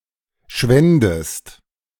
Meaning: second-person singular subjunctive II of schwinden
- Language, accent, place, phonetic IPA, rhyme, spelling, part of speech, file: German, Germany, Berlin, [ˈʃvɛndəst], -ɛndəst, schwändest, verb, De-schwändest.ogg